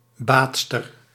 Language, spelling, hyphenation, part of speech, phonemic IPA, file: Dutch, baadster, baad‧ster, noun, /ˈbaːt.stər/, Nl-baadster.ogg
- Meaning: female bather, woman taking a bath